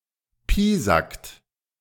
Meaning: inflection of piesacken: 1. third-person singular present 2. second-person plural present 3. plural imperative
- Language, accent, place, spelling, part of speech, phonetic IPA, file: German, Germany, Berlin, piesackt, verb, [ˈpiːzakt], De-piesackt.ogg